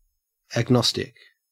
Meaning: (adjective) 1. Doubtful or uncertain about the existence or demonstrability of God or other deity 2. Having no firmly held opinions on something 3. Of or relating to agnosticism or its adherents
- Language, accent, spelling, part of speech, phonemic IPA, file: English, Australia, agnostic, adjective / noun, /æɡˈnɔstɪk/, En-au-agnostic.ogg